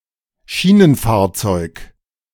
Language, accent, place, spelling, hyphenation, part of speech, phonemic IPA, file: German, Germany, Berlin, Schienenfahrzeug, Schie‧nen‧fahr‧zeug, noun, /ˈʃiːnənˌfaːɐ̯t͡sɔɪ̯k/, De-Schienenfahrzeug.ogg
- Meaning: rolling stock